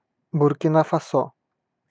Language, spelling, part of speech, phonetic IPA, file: Russian, Буркина-Фасо, proper noun, [bʊrkʲɪˈna fɐˈso], Ru-Буркина-Фасо.ogg
- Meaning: Burkina Faso (a country in West Africa, formerly Upper Volta)